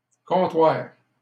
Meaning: 1. a counter, countertop (as of a store or bank) 2. a trading post in overseas colonies 3. a cartel, a cartel agreement
- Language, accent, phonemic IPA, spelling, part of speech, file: French, Canada, /kɔ̃.twaʁ/, comptoir, noun, LL-Q150 (fra)-comptoir.wav